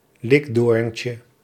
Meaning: diminutive of likdoorn
- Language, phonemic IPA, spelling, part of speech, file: Dutch, /ˈlɪɡdorᵊncə/, likdoorntje, noun, Nl-likdoorntje.ogg